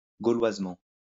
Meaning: simply; in the manner of a simpleton
- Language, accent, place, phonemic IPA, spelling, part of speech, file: French, France, Lyon, /ɡo.lwaz.mɑ̃/, gauloisement, adverb, LL-Q150 (fra)-gauloisement.wav